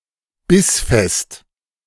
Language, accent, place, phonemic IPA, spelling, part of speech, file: German, Germany, Berlin, /ˈbɪsˌfɛst/, bissfest, adjective, De-bissfest.ogg
- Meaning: al dente